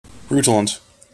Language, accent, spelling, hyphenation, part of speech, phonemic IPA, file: English, General American, rutilant, ru‧til‧ant, adjective, /ˈɹutələnt/, En-us-rutilant.mp3
- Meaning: Shining or glowing with a red colour or light